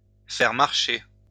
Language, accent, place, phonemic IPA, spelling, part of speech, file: French, France, Lyon, /fɛʁ maʁ.ʃe/, faire marcher, verb, LL-Q150 (fra)-faire marcher.wav
- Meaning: to pull someone's leg, to fool, usually as a joke